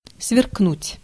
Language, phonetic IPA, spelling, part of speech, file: Russian, [svʲɪrkˈnutʲ], сверкнуть, verb, Ru-сверкнуть.ogg
- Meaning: 1. to sparkle, to twinkle 2. to glitter 3. to glare